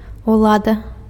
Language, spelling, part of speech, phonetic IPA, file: Belarusian, улада, noun, [uˈɫada], Be-улада.ogg
- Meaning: power; authority